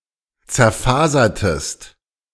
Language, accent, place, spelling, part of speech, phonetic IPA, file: German, Germany, Berlin, zerfasertest, verb, [t͡sɛɐ̯ˈfaːzɐtəst], De-zerfasertest.ogg
- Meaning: inflection of zerfasern: 1. second-person singular preterite 2. second-person singular subjunctive II